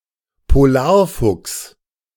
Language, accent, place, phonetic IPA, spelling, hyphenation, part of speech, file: German, Germany, Berlin, [poˈlaːɐ̯ˌfʊks], Polarfuchs, Po‧lar‧fuchs, noun, De-Polarfuchs.ogg
- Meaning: arctic fox, (Alopex lagopus)